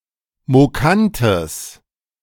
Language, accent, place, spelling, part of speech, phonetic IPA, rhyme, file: German, Germany, Berlin, mokantes, adjective, [moˈkantəs], -antəs, De-mokantes.ogg
- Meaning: strong/mixed nominative/accusative neuter singular of mokant